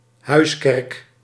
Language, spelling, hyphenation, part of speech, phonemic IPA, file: Dutch, huiskerk, huis‧kerk, noun, /ˈɦœy̯s.kɛrk/, Nl-huiskerk.ogg
- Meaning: house church (house or section of a house frequently used for church meetings)